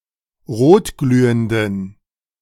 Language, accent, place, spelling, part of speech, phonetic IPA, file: German, Germany, Berlin, rotglühenden, adjective, [ˈʁoːtˌɡlyːəndn̩], De-rotglühenden.ogg
- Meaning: inflection of rotglühend: 1. strong genitive masculine/neuter singular 2. weak/mixed genitive/dative all-gender singular 3. strong/weak/mixed accusative masculine singular 4. strong dative plural